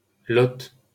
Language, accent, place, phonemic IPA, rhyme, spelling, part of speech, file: French, France, Paris, /lɔt/, -ɔt, Lot, proper noun, LL-Q150 (fra)-Lot.wav
- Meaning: 1. Lot (a department of Occitania, France) 2. Lot (a right tributary of the Garonne, in southern France, flowing through the departments of Lozère, Cantal, Aveyron, Lot and Lot-et-Garonne)